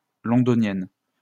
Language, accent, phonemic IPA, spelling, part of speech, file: French, France, /lɔ̃.dɔ.njɛn/, Londonienne, noun, LL-Q150 (fra)-Londonienne.wav
- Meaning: female equivalent of Londonien: woman from London, Londoner